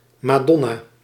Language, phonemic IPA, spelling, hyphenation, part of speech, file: Dutch, /ˌmaːˈdɔ.naː/, madonna, ma‧don‧na, noun, Nl-madonna.ogg
- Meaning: Madonna, in particular an artistic depiction of Mary with the infant Jesus